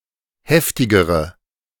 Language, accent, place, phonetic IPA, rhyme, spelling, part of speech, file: German, Germany, Berlin, [ˈhɛftɪɡəʁə], -ɛftɪɡəʁə, heftigere, adjective, De-heftigere.ogg
- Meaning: inflection of heftig: 1. strong/mixed nominative/accusative feminine singular comparative degree 2. strong nominative/accusative plural comparative degree